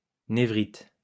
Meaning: neuritis
- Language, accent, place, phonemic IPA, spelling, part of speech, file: French, France, Lyon, /ne.vʁit/, névrite, noun, LL-Q150 (fra)-névrite.wav